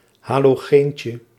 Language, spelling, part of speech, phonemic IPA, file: Dutch, halogeentje, noun, /ˌhɑloˈɣeɲcə/, Nl-halogeentje.ogg
- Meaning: diminutive of halogeen